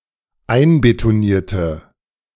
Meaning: inflection of einbetonieren: 1. first/third-person singular dependent preterite 2. first/third-person singular dependent subjunctive II
- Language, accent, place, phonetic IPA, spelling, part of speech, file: German, Germany, Berlin, [ˈaɪ̯nbetoˌniːɐ̯tə], einbetonierte, adjective / verb, De-einbetonierte.ogg